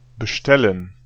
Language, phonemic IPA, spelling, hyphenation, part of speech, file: German, /bəˈʃtɛlən/, bestellen, be‧stel‧len, verb, De-bestellen.ogg
- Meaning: 1. to order (e.g. food at a restaurant, items for delivery) 2. to order to come, to summon (to a location) 3. to reserve (e.g. a table, hotel room) 4. to convey to, to send to (a message, greetings)